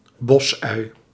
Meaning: spring onion, scallion (Allium fistulosum); particularly when cultivated for its bulb
- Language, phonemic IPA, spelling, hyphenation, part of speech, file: Dutch, /ˈbɔs.œy̯/, bosui, bos‧ui, noun, Nl-bosui.ogg